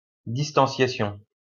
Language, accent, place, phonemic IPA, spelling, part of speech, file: French, France, Lyon, /dis.tɑ̃.sja.sjɔ̃/, distanciation, noun, LL-Q150 (fra)-distanciation.wav
- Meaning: detachment